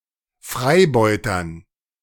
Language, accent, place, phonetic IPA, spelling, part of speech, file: German, Germany, Berlin, [ˈfʁaɪ̯ˌbɔɪ̯tɐn], Freibeutern, noun, De-Freibeutern.ogg
- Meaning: dative plural of Freibeuter